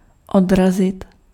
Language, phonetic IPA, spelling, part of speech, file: Czech, [ˈodrazɪt], odrazit, verb, Cs-odrazit.ogg
- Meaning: 1. to bounce (to change direction) 2. to ward off